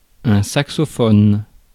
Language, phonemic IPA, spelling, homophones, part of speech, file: French, /sak.sɔ.fɔn/, saxophone, saxophonent / saxophones, noun / verb, Fr-saxophone.ogg
- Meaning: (noun) saxophone; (verb) inflection of saxophoner: 1. first/third-person singular present indicative/subjunctive 2. second-person singular imperative